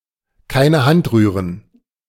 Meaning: to not lift a finger
- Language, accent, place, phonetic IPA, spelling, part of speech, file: German, Germany, Berlin, [ˈkaɪ̯nə ˈhant ˈʁyːʁən], keine Hand rühren, verb, De-keine Hand rühren.ogg